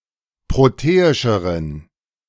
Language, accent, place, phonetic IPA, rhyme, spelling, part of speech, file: German, Germany, Berlin, [ˌpʁoˈteːɪʃəʁən], -eːɪʃəʁən, proteischeren, adjective, De-proteischeren.ogg
- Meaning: inflection of proteisch: 1. strong genitive masculine/neuter singular comparative degree 2. weak/mixed genitive/dative all-gender singular comparative degree